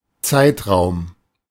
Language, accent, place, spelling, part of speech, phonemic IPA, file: German, Germany, Berlin, Zeitraum, noun, /ˈtsaɪ̯tʁaʊ̯m/, De-Zeitraum.ogg
- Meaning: period (of time)